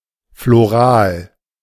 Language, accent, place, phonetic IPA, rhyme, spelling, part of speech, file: German, Germany, Berlin, [floˈʁaːl], -aːl, floral, adjective, De-floral.ogg
- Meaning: floral